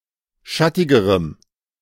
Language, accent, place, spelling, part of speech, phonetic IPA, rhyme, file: German, Germany, Berlin, schattigerem, adjective, [ˈʃatɪɡəʁəm], -atɪɡəʁəm, De-schattigerem.ogg
- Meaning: strong dative masculine/neuter singular comparative degree of schattig